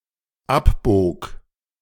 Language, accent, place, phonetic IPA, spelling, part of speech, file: German, Germany, Berlin, [ˈapˌboːk], abbog, verb, De-abbog.ogg
- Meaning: first/third-person singular dependent preterite of abbiegen